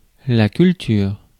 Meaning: 1. farming, cultivation, crop growing 2. culture (microbiology) 3. culture (arts, customs and habits) 4. knowledge, erudition
- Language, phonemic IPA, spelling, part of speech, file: French, /kyl.tyʁ/, culture, noun, Fr-culture.ogg